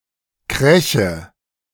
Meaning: nominative/accusative/genitive plural of Krach
- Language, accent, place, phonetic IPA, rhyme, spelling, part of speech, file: German, Germany, Berlin, [ˈkʁɛçə], -ɛçə, Kräche, noun, De-Kräche.ogg